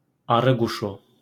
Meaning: titmouse, tomtit (any bird of the family Paridae)
- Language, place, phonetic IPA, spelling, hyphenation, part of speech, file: Azerbaijani, Baku, [ɑɾɯɡuˈʃu], arıquşu, a‧rı‧qu‧şu, noun, LL-Q9292 (aze)-arıquşu.wav